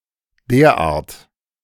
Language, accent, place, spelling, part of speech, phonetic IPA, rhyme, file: German, Germany, Berlin, derart, adverb, [ˈdeːɐ̯ˌʔaːɐ̯t], -aːɐ̯t, De-derart.ogg
- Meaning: 1. so, thus, in such a manner 2. to such an extent